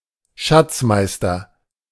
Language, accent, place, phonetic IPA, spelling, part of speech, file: German, Germany, Berlin, [ˈʃat͡sˌmaɪ̯stɐ], Schatzmeister, noun, De-Schatzmeister.ogg
- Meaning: treasurer